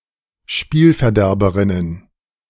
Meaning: plural of Spielverderberin
- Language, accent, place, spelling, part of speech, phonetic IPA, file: German, Germany, Berlin, Spielverderberinnen, noun, [ˈʃpiːlfɛɐ̯ˌdɛʁbəʁɪnən], De-Spielverderberinnen.ogg